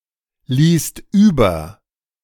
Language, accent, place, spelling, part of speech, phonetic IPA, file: German, Germany, Berlin, ließt über, verb, [ˌliːst ˈyːbɐ], De-ließt über.ogg
- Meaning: second-person singular/plural preterite of überlassen